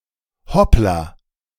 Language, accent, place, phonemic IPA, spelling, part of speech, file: German, Germany, Berlin, /ˈhɔpla/, hoppla, interjection, De-hoppla.ogg
- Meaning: oops, upsadaisy